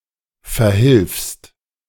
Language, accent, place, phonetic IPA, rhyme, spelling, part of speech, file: German, Germany, Berlin, [fɛɐ̯ˈhɪlfst], -ɪlfst, verhilfst, verb, De-verhilfst.ogg
- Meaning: second-person singular present of verhelfen